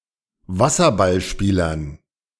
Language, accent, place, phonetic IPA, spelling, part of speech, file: German, Germany, Berlin, [ˈvasɐbalˌʃpiːlɐn], Wasserballspielern, noun, De-Wasserballspielern.ogg
- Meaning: dative plural of Wasserballspieler